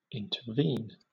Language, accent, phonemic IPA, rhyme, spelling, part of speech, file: English, Southern England, /ˌɪntəˈviːn/, -iːn, intervene, verb, LL-Q1860 (eng)-intervene.wav
- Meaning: 1. To become involved in a situation, so as to alter or prevent an action 2. To occur, fall, or come between, points of time, or events 3. To occur or act as an obstacle or delay